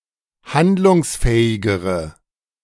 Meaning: inflection of handlungsfähig: 1. strong/mixed nominative/accusative feminine singular comparative degree 2. strong nominative/accusative plural comparative degree
- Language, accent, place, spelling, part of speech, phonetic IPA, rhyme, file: German, Germany, Berlin, handlungsfähigere, adjective, [ˈhandlʊŋsˌfɛːɪɡəʁə], -andlʊŋsfɛːɪɡəʁə, De-handlungsfähigere.ogg